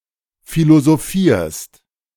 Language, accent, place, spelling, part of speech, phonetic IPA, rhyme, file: German, Germany, Berlin, philosophierst, verb, [ˌfilozoˈfiːɐ̯st], -iːɐ̯st, De-philosophierst.ogg
- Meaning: second-person singular present of philosophieren